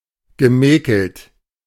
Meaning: past participle of mäkeln
- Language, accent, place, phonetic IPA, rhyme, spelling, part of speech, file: German, Germany, Berlin, [ɡəˈmɛːkl̩t], -ɛːkl̩t, gemäkelt, verb, De-gemäkelt.ogg